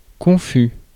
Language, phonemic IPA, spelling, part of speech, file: French, /kɔ̃.fy/, confus, adjective, Fr-confus.ogg
- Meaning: 1. confused (chaotic, jumbled or muddled) 2. confusing 3. ashamed or embarrassed